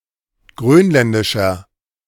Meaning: inflection of grönländisch: 1. strong/mixed nominative masculine singular 2. strong genitive/dative feminine singular 3. strong genitive plural
- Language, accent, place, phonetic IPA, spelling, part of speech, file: German, Germany, Berlin, [ˈɡʁøːnˌlɛndɪʃɐ], grönländischer, adjective, De-grönländischer.ogg